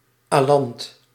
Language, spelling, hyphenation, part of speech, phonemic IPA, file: Dutch, alant, alant, noun, /ˈaː.lɑnt/, Nl-alant.ogg
- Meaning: 1. any plant of the genus Inula 2. synonym of Griekse alant (“elecampane, Inula helenium”)